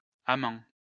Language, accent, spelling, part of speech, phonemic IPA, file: French, France, Amand, proper noun, /a.mɑ̃/, LL-Q150 (fra)-Amand.wav
- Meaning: a male given name, feminine equivalent Amanda and Amandine